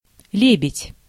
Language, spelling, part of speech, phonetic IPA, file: Russian, лебедь, noun, [ˈlʲebʲɪtʲ], Ru-лебедь.ogg
- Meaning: 1. swan 2. one-hundred- or two-hundred-rouble note